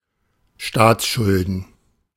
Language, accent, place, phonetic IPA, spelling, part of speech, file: German, Germany, Berlin, [ˈʃtaːt͡sˌʃʊldn̩], Staatsschulden, noun, De-Staatsschulden.ogg
- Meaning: plural of Staatsschuld